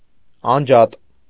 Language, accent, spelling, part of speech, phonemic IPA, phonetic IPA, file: Armenian, Eastern Armenian, անջատ, adjective, /ɑnˈd͡ʒɑt/, [ɑnd͡ʒɑ́t], Hy-անջատ.ogg
- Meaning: separate, divided, detached, unconnected, isolated